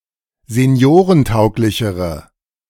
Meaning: inflection of seniorentauglich: 1. strong/mixed nominative/accusative feminine singular comparative degree 2. strong nominative/accusative plural comparative degree
- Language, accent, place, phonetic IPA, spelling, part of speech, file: German, Germany, Berlin, [zeˈni̯oːʁənˌtaʊ̯klɪçəʁə], seniorentauglichere, adjective, De-seniorentauglichere.ogg